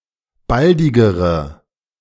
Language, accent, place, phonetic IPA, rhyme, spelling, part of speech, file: German, Germany, Berlin, [ˈbaldɪɡəʁə], -aldɪɡəʁə, baldigere, adjective, De-baldigere.ogg
- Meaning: inflection of baldig: 1. strong/mixed nominative/accusative feminine singular comparative degree 2. strong nominative/accusative plural comparative degree